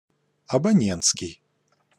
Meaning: subscriber; subscriber's
- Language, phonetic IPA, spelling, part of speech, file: Russian, [ɐbɐˈnʲen(t)skʲɪj], абонентский, adjective, Ru-абонентский.ogg